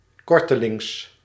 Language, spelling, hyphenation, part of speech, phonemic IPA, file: Dutch, kortelings, kor‧te‧lings, adjective / adverb, /ˈkɔr.təˌlɪŋs/, Nl-kortelings.ogg
- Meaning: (adjective) 1. recent 2. forthcoming, shortly; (adverb) 1. recently 2. soon, shortly